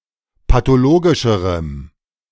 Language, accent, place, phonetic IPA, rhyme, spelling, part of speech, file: German, Germany, Berlin, [patoˈloːɡɪʃəʁəm], -oːɡɪʃəʁəm, pathologischerem, adjective, De-pathologischerem.ogg
- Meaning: strong dative masculine/neuter singular comparative degree of pathologisch